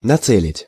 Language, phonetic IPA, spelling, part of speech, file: Russian, [nɐˈt͡sɛlʲɪtʲ], нацелить, verb, Ru-нацелить.ogg
- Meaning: to aim, to point